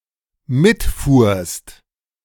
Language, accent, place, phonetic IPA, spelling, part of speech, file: German, Germany, Berlin, [ˈmɪtˌfuːɐ̯st], mitfuhrst, verb, De-mitfuhrst.ogg
- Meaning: second-person singular dependent preterite of mitfahren